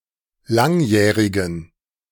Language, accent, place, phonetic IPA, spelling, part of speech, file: German, Germany, Berlin, [ˈlaŋˌjɛːʁɪɡn̩], langjährigen, adjective, De-langjährigen.ogg
- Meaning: inflection of langjährig: 1. strong genitive masculine/neuter singular 2. weak/mixed genitive/dative all-gender singular 3. strong/weak/mixed accusative masculine singular 4. strong dative plural